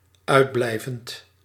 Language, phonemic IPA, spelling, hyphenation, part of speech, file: Dutch, /ˈœy̯dˌblɛi̯.vənt/, uitblijvend, uit‧blij‧vend, verb, Nl-uitblijvend.ogg
- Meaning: present participle of uitblijven